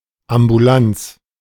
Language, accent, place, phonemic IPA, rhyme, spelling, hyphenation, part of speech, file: German, Germany, Berlin, /ambuˈlant͡s/, -ants, Ambulanz, Am‧bu‧lanz, noun, De-Ambulanz.ogg
- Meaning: 1. ambulance 2. outpatient department